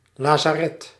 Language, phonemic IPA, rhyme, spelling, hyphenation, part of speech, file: Dutch, /ˌlaː.zaːˈrɛt/, -ɛt, lazaret, la‧za‧ret, noun, Nl-lazaret.ogg
- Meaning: 1. a medical facility for people suffering from leprosy or mesel, a lazaret, a medical leprosery 2. a field hospital